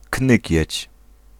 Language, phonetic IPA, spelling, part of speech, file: Polish, [ˈknɨcɛ̇t͡ɕ], knykieć, noun, Pl-knykieć.ogg